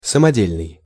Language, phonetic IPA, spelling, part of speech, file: Russian, [səmɐˈdʲelʲnɨj], самодельный, adjective, Ru-самодельный.ogg
- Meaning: homemade, improvised, do-it-yourself